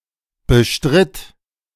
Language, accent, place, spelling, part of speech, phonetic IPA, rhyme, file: German, Germany, Berlin, bestritt, verb, [bəˈʃtʁɪt], -ɪt, De-bestritt.ogg
- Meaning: first/third-person singular preterite of bestreiten